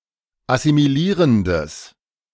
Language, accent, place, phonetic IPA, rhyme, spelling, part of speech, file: German, Germany, Berlin, [asimiˈliːʁəndəs], -iːʁəndəs, assimilierendes, adjective, De-assimilierendes.ogg
- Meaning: strong/mixed nominative/accusative neuter singular of assimilierend